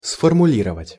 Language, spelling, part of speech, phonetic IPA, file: Russian, сформулировать, verb, [sfərmʊˈlʲirəvətʲ], Ru-сформулировать.ogg
- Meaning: to formulate, to phrase, to word, to lay down (rules, demands, etc.)